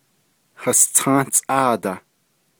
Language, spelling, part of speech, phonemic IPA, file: Navajo, hastą́ʼáadah, numeral, /hɑ̀stɑ̃́ʔɑ̂ːtɑ̀h/, Nv-hastą́ʼáadah.ogg
- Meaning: sixteen